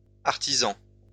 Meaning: masculine plural of artisan
- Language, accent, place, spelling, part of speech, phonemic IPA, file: French, France, Lyon, artisans, noun, /aʁ.ti.zɑ̃/, LL-Q150 (fra)-artisans.wav